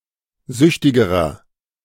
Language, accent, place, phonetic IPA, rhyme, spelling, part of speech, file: German, Germany, Berlin, [ˈzʏçtɪɡəʁɐ], -ʏçtɪɡəʁɐ, süchtigerer, adjective, De-süchtigerer.ogg
- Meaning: inflection of süchtig: 1. strong/mixed nominative masculine singular comparative degree 2. strong genitive/dative feminine singular comparative degree 3. strong genitive plural comparative degree